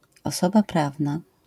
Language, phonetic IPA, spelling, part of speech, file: Polish, [ɔˈsɔba ˈpravna], osoba prawna, noun, LL-Q809 (pol)-osoba prawna.wav